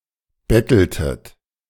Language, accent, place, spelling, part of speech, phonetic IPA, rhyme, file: German, Germany, Berlin, betteltet, verb, [ˈbɛtl̩tət], -ɛtl̩tət, De-betteltet.ogg
- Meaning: inflection of betteln: 1. second-person plural preterite 2. second-person plural subjunctive II